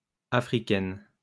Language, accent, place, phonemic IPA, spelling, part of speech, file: French, France, Lyon, /a.fʁi.kɛn/, Africaines, noun, LL-Q150 (fra)-Africaines.wav
- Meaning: feminine plural of Africain